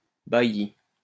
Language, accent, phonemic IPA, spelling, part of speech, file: French, France, /ba.ji/, bailli, noun, LL-Q150 (fra)-bailli.wav
- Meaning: a bailiff: an appointee of the king administering certain districts of northern France in the medieval period